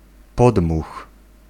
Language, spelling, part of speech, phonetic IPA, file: Polish, podmuch, noun, [ˈpɔdmux], Pl-podmuch.ogg